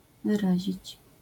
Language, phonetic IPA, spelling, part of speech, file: Polish, [vɨˈraʑit͡ɕ], wyrazić, verb, LL-Q809 (pol)-wyrazić.wav